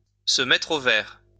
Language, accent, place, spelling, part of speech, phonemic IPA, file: French, France, Lyon, se mettre au vert, verb, /sə mɛtʁ o vɛʁ/, LL-Q150 (fra)-se mettre au vert.wav
- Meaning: 1. to get away from it all, to get out into the countryside to revitalise oneself, to take a refreshing break into the country 2. to go on the run, to head for the hills